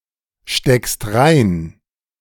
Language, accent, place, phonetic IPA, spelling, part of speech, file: German, Germany, Berlin, [ˌʃtɛkst ˈʁaɪ̯n], steckst rein, verb, De-steckst rein.ogg
- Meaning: second-person singular present of reinstecken